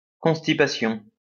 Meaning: constipation
- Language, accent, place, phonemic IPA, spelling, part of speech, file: French, France, Lyon, /kɔ̃s.ti.pa.sjɔ̃/, constipation, noun, LL-Q150 (fra)-constipation.wav